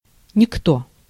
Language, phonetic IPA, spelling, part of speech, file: Russian, [nʲɪkˈto], никто, pronoun, Ru-никто.ogg
- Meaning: nobody, no one; (with negative) anybody, anyone